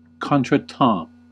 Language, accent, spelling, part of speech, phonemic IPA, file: English, US, contretemps, noun, /ˈkɑːn.tɹə.tɑ̃/, En-us-contretemps.ogg
- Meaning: 1. An unforeseen, inopportune, or embarrassing event 2. An ill-timed pass